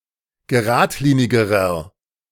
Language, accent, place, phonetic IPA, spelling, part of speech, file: German, Germany, Berlin, [ɡəˈʁaːtˌliːnɪɡəʁɐ], geradlinigerer, adjective, De-geradlinigerer.ogg
- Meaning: inflection of geradlinig: 1. strong/mixed nominative masculine singular comparative degree 2. strong genitive/dative feminine singular comparative degree 3. strong genitive plural comparative degree